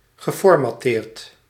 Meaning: past participle of formatteren
- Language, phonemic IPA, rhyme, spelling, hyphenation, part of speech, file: Dutch, /ɣəˌfɔrmɑˈteːrt/, -eːrt, geformatteerd, ge‧for‧mat‧teerd, verb, Nl-geformatteerd.ogg